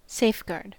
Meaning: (noun) 1. Something that serves as a guard or protection; a defense 2. One who, or that which, defends or protects; defence; protection 3. A safe-conduct or passport, especially in time of war
- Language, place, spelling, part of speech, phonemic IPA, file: English, California, safeguard, noun / verb, /ˈseɪfɡɑɹd/, En-us-safeguard.ogg